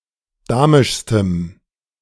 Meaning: strong dative masculine/neuter singular superlative degree of damisch
- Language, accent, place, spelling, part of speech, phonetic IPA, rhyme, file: German, Germany, Berlin, damischstem, adjective, [ˈdaːmɪʃstəm], -aːmɪʃstəm, De-damischstem.ogg